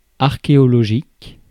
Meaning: archaeological (relating to the science or research of archaeology)
- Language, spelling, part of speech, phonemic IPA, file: French, archéologique, adjective, /aʁ.ke.ɔ.lɔ.ʒik/, Fr-archéologique.ogg